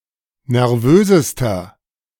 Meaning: inflection of nervös: 1. strong/mixed nominative masculine singular superlative degree 2. strong genitive/dative feminine singular superlative degree 3. strong genitive plural superlative degree
- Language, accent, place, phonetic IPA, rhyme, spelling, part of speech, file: German, Germany, Berlin, [nɛʁˈvøːzəstɐ], -øːzəstɐ, nervösester, adjective, De-nervösester.ogg